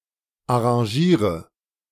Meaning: inflection of arrangieren: 1. first-person singular present 2. singular imperative 3. first/third-person singular subjunctive I
- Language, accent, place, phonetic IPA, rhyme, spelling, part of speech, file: German, Germany, Berlin, [aʁɑ̃ˈʒiːʁə], -iːʁə, arrangiere, verb, De-arrangiere.ogg